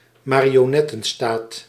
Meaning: a puppet state
- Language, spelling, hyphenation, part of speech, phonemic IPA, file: Dutch, marionettenstaat, ma‧ri‧o‧net‧ten‧staat, noun, /maː.ri.oːˈnɛ.tə(n)ˌstaːt/, Nl-marionettenstaat.ogg